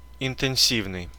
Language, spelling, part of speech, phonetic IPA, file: Russian, интенсивный, adjective, [ɪntɨn⁽ʲ⁾ˈsʲivnɨj], Ru-интенсивный.ogg
- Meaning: 1. intensive, intense 2. vigorous